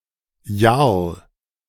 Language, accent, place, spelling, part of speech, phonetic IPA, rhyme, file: German, Germany, Berlin, Jarl, noun, [jaʁl], -aʁl, De-Jarl.ogg
- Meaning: jarl (nobleman)